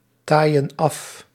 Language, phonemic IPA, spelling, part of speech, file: Dutch, /ˈtajə(n) ˈɑf/, taaien af, verb, Nl-taaien af.ogg
- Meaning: inflection of aftaaien: 1. plural present indicative 2. plural present subjunctive